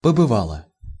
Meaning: feminine singular past indicative perfective of побыва́ть (pobyvátʹ)
- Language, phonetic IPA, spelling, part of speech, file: Russian, [pəbɨˈvaɫə], побывала, verb, Ru-побывала.ogg